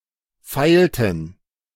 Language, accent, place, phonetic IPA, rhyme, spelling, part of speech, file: German, Germany, Berlin, [ˈfaɪ̯ltn̩], -aɪ̯ltn̩, feilten, verb, De-feilten.ogg
- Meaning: inflection of feilen: 1. first/third-person plural preterite 2. first/third-person plural subjunctive II